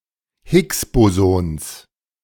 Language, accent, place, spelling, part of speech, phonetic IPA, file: German, Germany, Berlin, Higgs-Bosons, noun, [ˈhɪksˌboːzɔns], De-Higgs-Bosons.ogg
- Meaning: genitive singular of Higgs-Boson